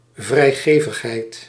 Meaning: generosity
- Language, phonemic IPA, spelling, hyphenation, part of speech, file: Dutch, /vrɛi̯ˈɣeːvəxˌɦɛi̯t/, vrijgevigheid, vrij‧ge‧vig‧heid, noun, Nl-vrijgevigheid.ogg